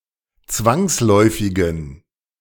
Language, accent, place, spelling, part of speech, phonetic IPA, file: German, Germany, Berlin, zwangsläufigen, adjective, [ˈt͡svaŋsˌlɔɪ̯fɪɡn̩], De-zwangsläufigen.ogg
- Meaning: inflection of zwangsläufig: 1. strong genitive masculine/neuter singular 2. weak/mixed genitive/dative all-gender singular 3. strong/weak/mixed accusative masculine singular 4. strong dative plural